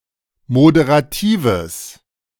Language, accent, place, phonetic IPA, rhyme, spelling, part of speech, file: German, Germany, Berlin, [modeʁaˈtiːvəs], -iːvəs, moderatives, adjective, De-moderatives.ogg
- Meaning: strong/mixed nominative/accusative neuter singular of moderativ